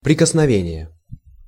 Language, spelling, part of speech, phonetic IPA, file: Russian, прикосновение, noun, [prʲɪkəsnɐˈvʲenʲɪje], Ru-прикосновение.ogg
- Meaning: touch